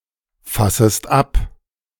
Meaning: second-person singular subjunctive I of abfassen
- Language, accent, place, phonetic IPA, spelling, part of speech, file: German, Germany, Berlin, [ˌfasəst ˈap], fassest ab, verb, De-fassest ab.ogg